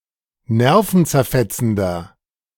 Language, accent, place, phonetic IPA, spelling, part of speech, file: German, Germany, Berlin, [ˈnɛʁfn̩t͡sɛɐ̯ˌfɛt͡sn̩dɐ], nervenzerfetzender, adjective, De-nervenzerfetzender.ogg
- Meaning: inflection of nervenzerfetzend: 1. strong/mixed nominative masculine singular 2. strong genitive/dative feminine singular 3. strong genitive plural